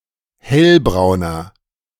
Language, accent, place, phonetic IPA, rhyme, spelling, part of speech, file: German, Germany, Berlin, [ˈhɛlbʁaʊ̯nɐ], -ɛlbʁaʊ̯nɐ, hellbrauner, adjective, De-hellbrauner.ogg
- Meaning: inflection of hellbraun: 1. strong/mixed nominative masculine singular 2. strong genitive/dative feminine singular 3. strong genitive plural